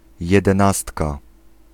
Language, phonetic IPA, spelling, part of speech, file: Polish, [ˌjɛdɛ̃ˈnastka], jedenastka, noun, Pl-jedenastka.ogg